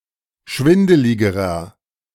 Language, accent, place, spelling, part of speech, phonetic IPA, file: German, Germany, Berlin, schwindeligerer, adjective, [ˈʃvɪndəlɪɡəʁɐ], De-schwindeligerer.ogg
- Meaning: inflection of schwindelig: 1. strong/mixed nominative masculine singular comparative degree 2. strong genitive/dative feminine singular comparative degree 3. strong genitive plural comparative degree